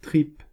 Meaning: tripe
- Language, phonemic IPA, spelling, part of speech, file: French, /tʁip/, tripe, noun, Fr-tripe.ogg